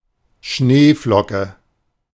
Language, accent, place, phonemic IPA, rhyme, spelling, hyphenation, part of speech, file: German, Germany, Berlin, /ˈʃneːˌflɔkə/, -ɔkə, Schneeflocke, Schnee‧flo‧cke, noun, De-Schneeflocke.ogg
- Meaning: snowflake (crystal)